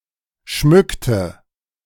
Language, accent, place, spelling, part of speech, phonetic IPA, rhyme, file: German, Germany, Berlin, schmückte, verb, [ˈʃmʏktə], -ʏktə, De-schmückte.ogg
- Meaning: inflection of schmücken: 1. first/third-person singular preterite 2. first/third-person singular subjunctive II